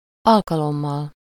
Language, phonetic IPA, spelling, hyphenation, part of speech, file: Hungarian, [ˈɒlkɒlomːɒl], alkalommal, al‧ka‧lom‧mal, noun, Hu-alkalommal.ogg
- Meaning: instrumental singular of alkalom